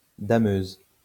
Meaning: snow groomer
- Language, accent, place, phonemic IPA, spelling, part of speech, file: French, France, Lyon, /da.møz/, dameuse, noun, LL-Q150 (fra)-dameuse.wav